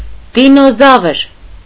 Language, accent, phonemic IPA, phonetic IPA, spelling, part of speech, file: Armenian, Eastern Armenian, /dinoˈzɑvəɾ/, [dinozɑ́vəɾ], դինոզավր, noun, Hy-դինոզավր.ogg
- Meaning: dinosaur